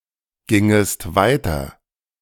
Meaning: second-person singular subjunctive II of weitergehen
- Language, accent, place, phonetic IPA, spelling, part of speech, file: German, Germany, Berlin, [ˌɡɪŋəst ˈvaɪ̯tɐ], gingest weiter, verb, De-gingest weiter.ogg